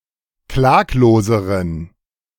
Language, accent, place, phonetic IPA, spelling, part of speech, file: German, Germany, Berlin, [ˈklaːkloːzəʁən], klagloseren, adjective, De-klagloseren.ogg
- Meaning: inflection of klaglos: 1. strong genitive masculine/neuter singular comparative degree 2. weak/mixed genitive/dative all-gender singular comparative degree